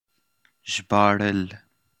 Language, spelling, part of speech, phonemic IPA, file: Pashto, ژباړل, verb, /ʒbɑ.ɻəl/, Zhbaarhal.wav
- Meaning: to translate